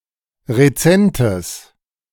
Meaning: strong/mixed nominative/accusative neuter singular of rezent
- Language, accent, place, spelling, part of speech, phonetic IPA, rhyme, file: German, Germany, Berlin, rezentes, adjective, [ʁeˈt͡sɛntəs], -ɛntəs, De-rezentes.ogg